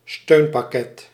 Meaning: an aid package, a support package; often referring to funds or measures provided by political actors in support of something (usually businesses)
- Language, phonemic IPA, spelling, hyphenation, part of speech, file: Dutch, /ˈstøːn.pɑˌkɛt/, steunpakket, steun‧pak‧ket, noun, Nl-steunpakket.ogg